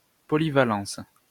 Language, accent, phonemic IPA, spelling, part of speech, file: French, France, /pɔ.li.va.lɑ̃s/, polyvalence, noun, LL-Q150 (fra)-polyvalence.wav
- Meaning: versatility